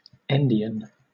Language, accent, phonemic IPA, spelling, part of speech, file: English, Southern England, /ˈɛn.dɪ.ən/, endian, adjective, LL-Q1860 (eng)-endian.wav